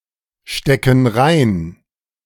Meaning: inflection of reinstecken: 1. first/third-person plural present 2. first/third-person plural subjunctive I
- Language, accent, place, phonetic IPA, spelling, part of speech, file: German, Germany, Berlin, [ˌʃtɛkn̩ ˈʁaɪ̯n], stecken rein, verb, De-stecken rein.ogg